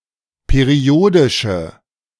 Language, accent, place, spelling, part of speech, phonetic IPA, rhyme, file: German, Germany, Berlin, periodische, adjective, [peˈʁi̯oːdɪʃə], -oːdɪʃə, De-periodische.ogg
- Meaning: inflection of periodisch: 1. strong/mixed nominative/accusative feminine singular 2. strong nominative/accusative plural 3. weak nominative all-gender singular